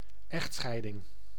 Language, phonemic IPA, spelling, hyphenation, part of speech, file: Dutch, /ˈɛxtˌsxɛi̯.dɪŋ/, echtscheiding, echt‧schei‧ding, noun, Nl-echtscheiding.ogg
- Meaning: divorce